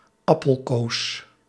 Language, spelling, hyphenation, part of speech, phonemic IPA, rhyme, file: Dutch, appelkoos, ap‧pel‧koos, noun, /ˌɑ.pəlˈkoːs/, -oːs, Nl-appelkoos.ogg
- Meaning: alternative form of abrikoos